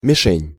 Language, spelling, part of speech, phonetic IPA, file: Russian, мишень, noun, [mʲɪˈʂɛnʲ], Ru-мишень.ogg
- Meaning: target (butt or mark to shoot at)